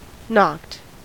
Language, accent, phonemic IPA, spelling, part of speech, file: English, US, /nɑkt/, knocked, verb, En-us-knocked.ogg
- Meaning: simple past and past participle of knock